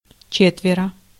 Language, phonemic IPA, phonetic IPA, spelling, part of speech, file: Russian, /ˈt͡ɕetʲvʲɪrə/, [ˈt͡ɕetvʲɪrə], четверо, numeral, Ru-четверо.ogg
- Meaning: four (in a group together), four of them